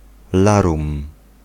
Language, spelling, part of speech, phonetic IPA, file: Polish, larum, noun, [ˈlarũm], Pl-larum.ogg